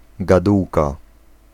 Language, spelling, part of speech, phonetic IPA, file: Polish, gadułka, noun, [ɡaˈduwka], Pl-gadułka.ogg